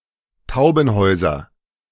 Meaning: 1. nominative plural of Taubenhaus 2. genitive plural of Taubenhaus 3. accusative plural of Taubenhaus
- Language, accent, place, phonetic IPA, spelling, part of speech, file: German, Germany, Berlin, [ˈtaʊ̯bənˌhɔʏ̯zɐ], Taubenhäuser, noun, De-Taubenhäuser.ogg